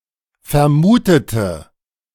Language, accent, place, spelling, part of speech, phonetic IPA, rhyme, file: German, Germany, Berlin, vermutete, adjective / verb, [fɛɐ̯ˈmuːtətə], -uːtətə, De-vermutete.ogg
- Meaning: inflection of vermutet: 1. strong/mixed nominative/accusative feminine singular 2. strong nominative/accusative plural 3. weak nominative all-gender singular